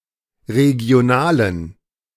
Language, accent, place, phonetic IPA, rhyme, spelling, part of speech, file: German, Germany, Berlin, [ʁeɡi̯oˈnaːlən], -aːlən, regionalen, adjective, De-regionalen.ogg
- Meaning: inflection of regional: 1. strong genitive masculine/neuter singular 2. weak/mixed genitive/dative all-gender singular 3. strong/weak/mixed accusative masculine singular 4. strong dative plural